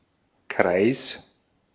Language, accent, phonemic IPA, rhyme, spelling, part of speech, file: German, Austria, /kʁaɪ̯s/, -aɪ̯s, Kreis, noun, De-at-Kreis.ogg
- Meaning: 1. circle 2. range, scope 3. a type of territorial administrative division, district 4. a group of people united by a common interest 5. cycle